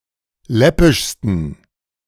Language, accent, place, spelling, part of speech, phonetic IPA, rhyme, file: German, Germany, Berlin, läppischsten, adjective, [ˈlɛpɪʃstn̩], -ɛpɪʃstn̩, De-läppischsten.ogg
- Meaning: 1. superlative degree of läppisch 2. inflection of läppisch: strong genitive masculine/neuter singular superlative degree